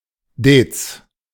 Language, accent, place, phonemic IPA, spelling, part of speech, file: German, Germany, Berlin, /deːts/, Dez, noun, De-Dez.ogg
- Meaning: head